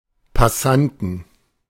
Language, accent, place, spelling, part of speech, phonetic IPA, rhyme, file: German, Germany, Berlin, Passanten, noun, [paˈsantn̩], -antn̩, De-Passanten.ogg
- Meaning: 1. genitive singular of Passant 2. plural of Passant